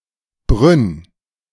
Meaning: Brno (capital of the South Moravian Region, Czech Republic, and second-largest city in the Czech Republic)
- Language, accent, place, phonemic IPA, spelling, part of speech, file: German, Germany, Berlin, /bʁʏn/, Brünn, proper noun, De-Brünn.ogg